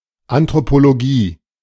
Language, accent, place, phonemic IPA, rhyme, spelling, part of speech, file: German, Germany, Berlin, /ʔantʁopoloˈɡiː/, -iː, Anthropologie, noun, De-Anthropologie.ogg
- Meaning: anthropology